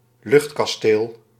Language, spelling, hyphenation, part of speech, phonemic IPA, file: Dutch, luchtkasteel, lucht‧kas‧teel, noun, /ˈlʏxt.kɑˌsteːl/, Nl-luchtkasteel.ogg
- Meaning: 1. a castle built in the air, as in fiction 2. castle in the air (fanciful idea or scheme)